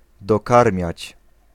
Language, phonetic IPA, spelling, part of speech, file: Polish, [dɔˈkarmʲjät͡ɕ], dokarmiać, verb, Pl-dokarmiać.ogg